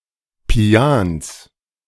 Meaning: a municipality of Tyrol, Austria
- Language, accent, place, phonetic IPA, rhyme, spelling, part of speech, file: German, Germany, Berlin, [pi̯ans], -ans, Pians, proper noun, De-Pians.ogg